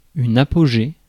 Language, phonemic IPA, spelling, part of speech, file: French, /a.pɔ.ʒe/, apogée, noun, Fr-apogée.ogg
- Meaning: apogee (a point in an orbit around the Earth)